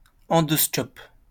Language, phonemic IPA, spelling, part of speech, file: French, /ɑ̃.dɔs.kɔp/, endoscope, noun, LL-Q150 (fra)-endoscope.wav
- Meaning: endoscope